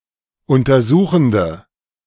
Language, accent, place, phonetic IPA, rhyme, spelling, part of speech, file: German, Germany, Berlin, [ˌʊntɐˈzuːxn̩də], -uːxn̩də, untersuchende, adjective, De-untersuchende.ogg
- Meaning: inflection of untersuchend: 1. strong/mixed nominative/accusative feminine singular 2. strong nominative/accusative plural 3. weak nominative all-gender singular